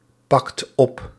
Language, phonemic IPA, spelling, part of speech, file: Dutch, /ˈpɑkt ˈɔp/, pakt op, verb, Nl-pakt op.ogg
- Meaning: inflection of oppakken: 1. second/third-person singular present indicative 2. plural imperative